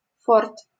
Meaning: fort (fortified defensive structure stationed with troops)
- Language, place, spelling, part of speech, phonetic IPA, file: Russian, Saint Petersburg, форт, noun, [fort], LL-Q7737 (rus)-форт.wav